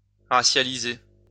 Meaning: to racialize
- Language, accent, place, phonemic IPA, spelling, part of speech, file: French, France, Lyon, /ʁa.sja.li.ze/, racialiser, verb, LL-Q150 (fra)-racialiser.wav